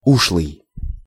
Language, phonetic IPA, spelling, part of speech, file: Russian, [ˈuʂɫɨj], ушлый, adjective, Ru-ушлый.ogg
- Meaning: shrewd, smart, cunning, quirky